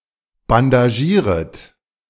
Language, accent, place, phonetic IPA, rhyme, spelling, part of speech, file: German, Germany, Berlin, [bandaˈʒiːʁət], -iːʁət, bandagieret, verb, De-bandagieret.ogg
- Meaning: second-person plural subjunctive I of bandagieren